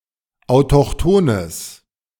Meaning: strong/mixed nominative/accusative neuter singular of autochthon
- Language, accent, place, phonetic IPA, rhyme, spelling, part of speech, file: German, Germany, Berlin, [aʊ̯tɔxˈtoːnəs], -oːnəs, autochthones, adjective, De-autochthones.ogg